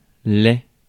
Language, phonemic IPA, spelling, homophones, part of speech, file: French, /lɛ/, laid, lai / laids / lais / lait, adjective, Fr-laid.ogg
- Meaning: 1. physically ugly 2. morally corrupt